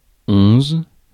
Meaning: eleven
- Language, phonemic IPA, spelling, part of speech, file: French, /ɔ̃z/, onze, numeral, Fr-onze.ogg